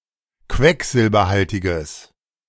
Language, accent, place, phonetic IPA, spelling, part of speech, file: German, Germany, Berlin, [ˈkvɛkzɪlbɐˌhaltɪɡəs], quecksilberhaltiges, adjective, De-quecksilberhaltiges.ogg
- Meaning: strong/mixed nominative/accusative neuter singular of quecksilberhaltig